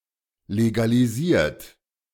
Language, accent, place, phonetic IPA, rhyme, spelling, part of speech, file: German, Germany, Berlin, [leɡaliˈziːɐ̯t], -iːɐ̯t, legalisiert, verb, De-legalisiert.ogg
- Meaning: 1. past participle of legalisieren 2. inflection of legalisieren: third-person singular present 3. inflection of legalisieren: second-person plural present